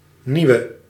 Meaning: inflection of nieuw: 1. masculine/feminine singular attributive 2. definite neuter singular attributive 3. plural attributive
- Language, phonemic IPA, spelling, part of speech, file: Dutch, /ˈniʋə/, nieuwe, adjective, Nl-nieuwe.ogg